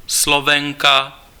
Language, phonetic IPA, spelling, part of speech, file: Czech, [ˈslovɛŋka], Slovenka, noun, Cs-Slovenka.ogg
- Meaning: female Slovak (person)